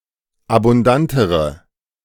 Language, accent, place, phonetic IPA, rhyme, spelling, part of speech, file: German, Germany, Berlin, [abʊnˈdantəʁə], -antəʁə, abundantere, adjective, De-abundantere.ogg
- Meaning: inflection of abundant: 1. strong/mixed nominative/accusative feminine singular comparative degree 2. strong nominative/accusative plural comparative degree